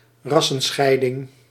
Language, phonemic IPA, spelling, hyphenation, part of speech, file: Dutch, /ˈrɑ.sə(n)ˌsxɛi̯.dɪŋ/, rassenscheiding, ras‧sen‧schei‧ding, noun, Nl-rassenscheiding.ogg
- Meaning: racial segregation